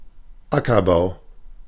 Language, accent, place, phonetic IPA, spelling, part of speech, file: German, Germany, Berlin, [ˈakɐˌbaʊ̯], Ackerbau, noun, De-Ackerbau.ogg
- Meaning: cultivation of arable land; agriculture (in the stricter sense)